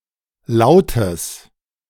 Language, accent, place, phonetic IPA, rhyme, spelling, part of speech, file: German, Germany, Berlin, [ˈlaʊ̯təs], -aʊ̯təs, lautes, adjective, De-lautes.ogg
- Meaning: strong/mixed nominative/accusative neuter singular of laut